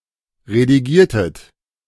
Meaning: inflection of redigieren: 1. second-person plural preterite 2. second-person plural subjunctive II
- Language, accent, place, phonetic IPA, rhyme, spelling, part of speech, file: German, Germany, Berlin, [ʁediˈɡiːɐ̯tət], -iːɐ̯tət, redigiertet, verb, De-redigiertet.ogg